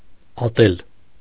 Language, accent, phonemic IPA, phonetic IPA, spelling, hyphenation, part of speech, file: Armenian, Eastern Armenian, /ɑˈtel/, [ɑtél], ատել, ա‧տել, verb, Hy-ատել.ogg
- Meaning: to hate